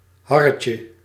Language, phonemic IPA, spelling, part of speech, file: Dutch, /ˈhɑrəcə/, harretje, noun, Nl-harretje.ogg
- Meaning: diminutive of har